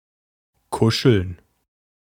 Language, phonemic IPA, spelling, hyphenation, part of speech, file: German, /ˈkʊʃəln/, kuscheln, ku‧scheln, verb, De-kuscheln.ogg
- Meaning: to cuddle